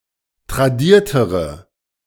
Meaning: inflection of tradiert: 1. strong/mixed nominative/accusative feminine singular comparative degree 2. strong nominative/accusative plural comparative degree
- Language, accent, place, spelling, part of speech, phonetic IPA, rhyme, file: German, Germany, Berlin, tradiertere, adjective, [tʁaˈdiːɐ̯təʁə], -iːɐ̯təʁə, De-tradiertere.ogg